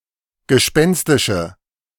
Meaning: inflection of gespenstisch: 1. strong/mixed nominative/accusative feminine singular 2. strong nominative/accusative plural 3. weak nominative all-gender singular
- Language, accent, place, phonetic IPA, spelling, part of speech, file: German, Germany, Berlin, [ɡəˈʃpɛnstɪʃə], gespenstische, adjective, De-gespenstische.ogg